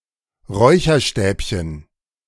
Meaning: incense stick, joss stick
- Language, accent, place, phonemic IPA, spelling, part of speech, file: German, Germany, Berlin, /ˈʁɔɪ̯çɐˌʃtɛːpçən/, Räucherstäbchen, noun, De-Räucherstäbchen.ogg